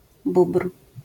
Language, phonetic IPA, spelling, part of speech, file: Polish, [bupr̥], bóbr, noun, LL-Q809 (pol)-bóbr.wav